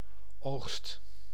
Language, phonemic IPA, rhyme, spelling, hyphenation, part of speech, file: Dutch, /oːxst/, -oːxst, oogst, oogst, noun / verb, Nl-oogst.ogg
- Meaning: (noun) harvest; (verb) inflection of oogsten: 1. first/second/third-person singular present indicative 2. imperative